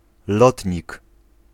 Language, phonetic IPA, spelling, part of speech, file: Polish, [ˈlɔtʲɲik], lotnik, noun, Pl-lotnik.ogg